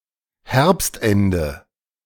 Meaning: 1. end of autumn, end of fall 2. late autumn, late fall
- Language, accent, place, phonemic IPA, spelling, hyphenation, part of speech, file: German, Germany, Berlin, /ˈhɛʁpstˌɛndə/, Herbstende, Herbst‧en‧de, noun, De-Herbstende.ogg